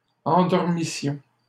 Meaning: first-person plural imperfect subjunctive of endormir
- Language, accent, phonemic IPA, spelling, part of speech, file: French, Canada, /ɑ̃.dɔʁ.mi.sjɔ̃/, endormissions, verb, LL-Q150 (fra)-endormissions.wav